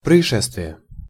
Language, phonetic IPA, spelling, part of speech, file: Russian, [prəɪˈʂɛstvʲɪje], происшествие, noun, Ru-происшествие.ogg
- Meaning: incident, event, occurrence